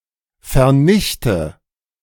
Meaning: inflection of vernichten: 1. first-person singular present 2. first/third-person singular subjunctive I 3. singular imperative
- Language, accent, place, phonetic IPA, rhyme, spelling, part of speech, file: German, Germany, Berlin, [fɛɐ̯ˈnɪçtə], -ɪçtə, vernichte, verb, De-vernichte.ogg